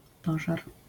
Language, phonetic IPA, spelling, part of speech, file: Polish, [ˈpɔʒar], pożar, noun, LL-Q809 (pol)-pożar.wav